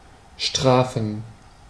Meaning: to punish
- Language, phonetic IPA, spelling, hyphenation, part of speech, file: German, [ˈʃtʁaːfn̩], strafen, stra‧fen, verb, De-strafen.ogg